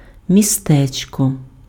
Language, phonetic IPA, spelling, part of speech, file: Ukrainian, [mʲiˈstɛt͡ʃkɔ], містечко, noun, Uk-містечко.ogg
- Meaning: diminutive of мі́сто (místo): small town, township